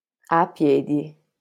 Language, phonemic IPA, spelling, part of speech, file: Italian, /aˈpjɛdi/, a piedi, adverb, LL-Q652 (ita)-a piedi.wav